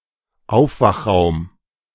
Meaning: recovery room (post anesthesia)
- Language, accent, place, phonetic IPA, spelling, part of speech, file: German, Germany, Berlin, [ˈaʊ̯fvaxˌʁaʊ̯m], Aufwachraum, noun, De-Aufwachraum.ogg